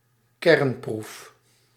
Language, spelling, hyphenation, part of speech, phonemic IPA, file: Dutch, kernproef, kern‧proef, noun, /ˈkɛrn.pruf/, Nl-kernproef.ogg
- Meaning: nuclear test (nuclear weapons' test)